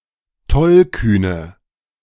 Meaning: inflection of tollkühn: 1. strong/mixed nominative/accusative feminine singular 2. strong nominative/accusative plural 3. weak nominative all-gender singular
- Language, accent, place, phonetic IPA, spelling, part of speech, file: German, Germany, Berlin, [ˈtɔlˌkyːnə], tollkühne, adjective, De-tollkühne.ogg